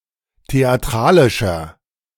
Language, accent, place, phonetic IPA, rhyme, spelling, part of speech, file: German, Germany, Berlin, [teaˈtʁaːlɪʃɐ], -aːlɪʃɐ, theatralischer, adjective, De-theatralischer.ogg
- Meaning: 1. comparative degree of theatralisch 2. inflection of theatralisch: strong/mixed nominative masculine singular 3. inflection of theatralisch: strong genitive/dative feminine singular